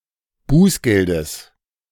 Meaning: genitive singular of Bußgeld
- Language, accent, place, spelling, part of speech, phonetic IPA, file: German, Germany, Berlin, Bußgeldes, noun, [ˈbuːsˌɡɛldəs], De-Bußgeldes.ogg